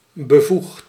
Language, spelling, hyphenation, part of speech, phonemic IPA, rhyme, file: Dutch, bevoegd, be‧voegd, adjective, /bəˈvuxt/, -uxt, Nl-bevoegd.ogg
- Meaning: 1. competent 2. qualified, authorised, having permission